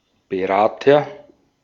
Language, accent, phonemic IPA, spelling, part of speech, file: German, Austria, /bəˈʁaːtɐ/, Berater, noun, De-at-Berater.ogg
- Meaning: agent noun of beraten: adviser / advisor, consultant